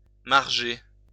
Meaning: to margin (to give something a margin)
- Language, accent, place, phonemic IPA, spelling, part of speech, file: French, France, Lyon, /maʁ.ʒe/, marger, verb, LL-Q150 (fra)-marger.wav